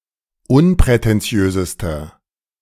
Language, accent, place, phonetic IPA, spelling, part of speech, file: German, Germany, Berlin, [ˈʊnpʁɛtɛnˌt͡si̯øːzəstɐ], unprätentiösester, adjective, De-unprätentiösester.ogg
- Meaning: inflection of unprätentiös: 1. strong/mixed nominative masculine singular superlative degree 2. strong genitive/dative feminine singular superlative degree 3. strong genitive plural superlative degree